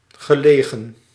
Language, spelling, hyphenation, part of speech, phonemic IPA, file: Dutch, gelegen, ge‧le‧gen, verb / adjective, /ɣəˈleː.ɣə(n)/, Nl-gelegen.ogg
- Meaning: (verb) past participle of liggen; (adjective) 1. opportune, timely 2. located